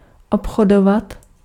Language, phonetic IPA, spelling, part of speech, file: Czech, [ˈopxodovat], obchodovat, verb, Cs-obchodovat.ogg
- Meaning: to trade (to engage in the trade of)